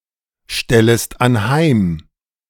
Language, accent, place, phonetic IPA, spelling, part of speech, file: German, Germany, Berlin, [ˌʃtɛləst anˈhaɪ̯m], stellest anheim, verb, De-stellest anheim.ogg
- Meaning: second-person singular subjunctive I of anheimstellen